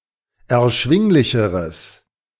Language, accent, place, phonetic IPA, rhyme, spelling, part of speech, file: German, Germany, Berlin, [ɛɐ̯ˈʃvɪŋlɪçəʁəs], -ɪŋlɪçəʁəs, erschwinglicheres, adjective, De-erschwinglicheres.ogg
- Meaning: strong/mixed nominative/accusative neuter singular comparative degree of erschwinglich